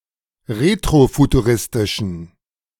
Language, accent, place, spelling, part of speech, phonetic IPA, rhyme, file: German, Germany, Berlin, retrofuturistischen, adjective, [ˌʁetʁofutuˈʁɪstɪʃn̩], -ɪstɪʃn̩, De-retrofuturistischen.ogg
- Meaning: inflection of retrofuturistisch: 1. strong genitive masculine/neuter singular 2. weak/mixed genitive/dative all-gender singular 3. strong/weak/mixed accusative masculine singular